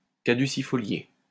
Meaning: deciduous
- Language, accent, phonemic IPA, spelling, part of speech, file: French, France, /ka.dy.si.fɔ.lje/, caducifolié, adjective, LL-Q150 (fra)-caducifolié.wav